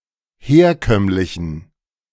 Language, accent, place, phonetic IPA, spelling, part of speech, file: German, Germany, Berlin, [ˈheːɐ̯ˌkœmlɪçn̩], herkömmlichen, adjective, De-herkömmlichen.ogg
- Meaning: inflection of herkömmlich: 1. strong genitive masculine/neuter singular 2. weak/mixed genitive/dative all-gender singular 3. strong/weak/mixed accusative masculine singular 4. strong dative plural